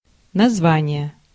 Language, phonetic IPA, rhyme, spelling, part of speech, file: Russian, [nɐzˈvanʲɪje], -anʲɪje, название, noun, Ru-название.ogg
- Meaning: name, appellation, title